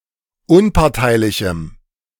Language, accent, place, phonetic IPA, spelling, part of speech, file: German, Germany, Berlin, [ˈʊnpaʁtaɪ̯lɪçm̩], unparteilichem, adjective, De-unparteilichem.ogg
- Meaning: strong dative masculine/neuter singular of unparteilich